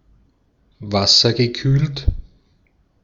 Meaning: water-cooled
- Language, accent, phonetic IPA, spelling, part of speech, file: German, Austria, [ˈvasɐɡəˌkyːlt], wassergekühlt, adjective, De-at-wassergekühlt.ogg